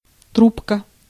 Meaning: 1. tube, small pipe 2. roll, scroll 3. telephone receiver 4. tobacco pipe 5. snorkel
- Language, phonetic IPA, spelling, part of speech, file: Russian, [ˈtrupkə], трубка, noun, Ru-трубка.ogg